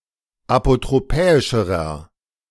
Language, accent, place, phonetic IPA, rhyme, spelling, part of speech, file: German, Germany, Berlin, [apotʁoˈpɛːɪʃəʁɐ], -ɛːɪʃəʁɐ, apotropäischerer, adjective, De-apotropäischerer.ogg
- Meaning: inflection of apotropäisch: 1. strong/mixed nominative masculine singular comparative degree 2. strong genitive/dative feminine singular comparative degree 3. strong genitive plural comparative degree